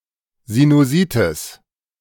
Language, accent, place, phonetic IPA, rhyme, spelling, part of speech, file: German, Germany, Berlin, [zinuˈziːtɪs], -iːtɪs, Sinusitis, noun, De-Sinusitis.ogg
- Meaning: sinusitis (inflammation)